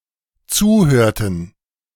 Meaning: inflection of zuhören: 1. first/third-person plural dependent preterite 2. first/third-person plural dependent subjunctive II
- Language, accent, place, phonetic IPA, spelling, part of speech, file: German, Germany, Berlin, [ˈt͡suːˌhøːɐ̯tn̩], zuhörten, verb, De-zuhörten.ogg